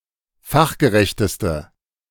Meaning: inflection of fachgerecht: 1. strong/mixed nominative/accusative feminine singular superlative degree 2. strong nominative/accusative plural superlative degree
- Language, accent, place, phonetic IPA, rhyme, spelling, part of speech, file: German, Germany, Berlin, [ˈfaxɡəˌʁɛçtəstə], -axɡəʁɛçtəstə, fachgerechteste, adjective, De-fachgerechteste.ogg